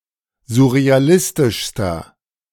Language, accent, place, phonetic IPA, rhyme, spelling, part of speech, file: German, Germany, Berlin, [zʊʁeaˈlɪstɪʃstɐ], -ɪstɪʃstɐ, surrealistischster, adjective, De-surrealistischster.ogg
- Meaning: inflection of surrealistisch: 1. strong/mixed nominative masculine singular superlative degree 2. strong genitive/dative feminine singular superlative degree